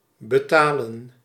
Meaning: 1. to pay 2. to pay for, suffer the consequences of
- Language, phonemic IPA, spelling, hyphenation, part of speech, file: Dutch, /bəˈtaːlə(n)/, betalen, be‧ta‧len, verb, Nl-betalen.ogg